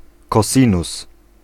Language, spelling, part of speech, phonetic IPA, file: Polish, cosinus, noun, [kɔˈsʲĩnus], Pl-cosinus.ogg